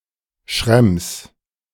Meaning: a municipality of Lower Austria, Austria
- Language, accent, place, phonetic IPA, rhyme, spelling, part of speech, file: German, Germany, Berlin, [ʃʁɛms], -ɛms, Schrems, proper noun, De-Schrems.ogg